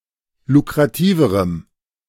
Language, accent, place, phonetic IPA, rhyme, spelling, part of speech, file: German, Germany, Berlin, [lukʁaˈtiːvəʁəm], -iːvəʁəm, lukrativerem, adjective, De-lukrativerem.ogg
- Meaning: strong dative masculine/neuter singular comparative degree of lukrativ